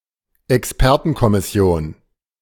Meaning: blue-ribbon committee
- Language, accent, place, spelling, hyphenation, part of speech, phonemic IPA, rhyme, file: German, Germany, Berlin, Expertenkommission, Ex‧per‧ten‧kom‧mis‧si‧on, noun, /ɛksˈpɛʁtn̩kɔmɪˌsi̯oːn/, -on, De-Expertenkommission.ogg